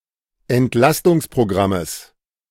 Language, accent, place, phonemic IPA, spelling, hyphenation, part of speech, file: German, Germany, Berlin, /ɛntˈlastʊŋspʁoˌɡʁaməs/, Entlastungsprogrammes, Ent‧las‧tungs‧pro‧gram‧mes, noun, De-Entlastungsprogrammes.ogg
- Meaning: genitive singular of Entlastungsprogramm